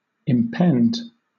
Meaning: 1. To hang or be suspended over (something); to overhang 2. To hang over (someone) as a threat or danger 3. To threaten to happen; to be about to happen, to be imminent 4. To pay
- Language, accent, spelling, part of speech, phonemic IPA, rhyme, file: English, Southern England, impend, verb, /ɪmˈpɛnd/, -ɛnd, LL-Q1860 (eng)-impend.wav